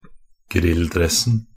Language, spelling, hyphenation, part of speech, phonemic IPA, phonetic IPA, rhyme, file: Norwegian Bokmål, grilldressen, grill‧dress‧en, noun, /²ˈɡrɪlːˌdrɛs.n̩/, [ˈɡrɪ̌lːˌdrɛs.n̩], -ɛsn̩, Nb-grilldressen.ogg
- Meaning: definite singular of grilldress (“tracksuit worn for grilling or as leisurewear”)